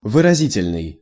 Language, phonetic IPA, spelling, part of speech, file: Russian, [vɨrɐˈzʲitʲɪlʲnɨj], выразительный, adjective, Ru-выразительный.ogg
- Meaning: 1. expressive (effectively conveying feeling) 2. articulate (speaking in a clear or effective manner)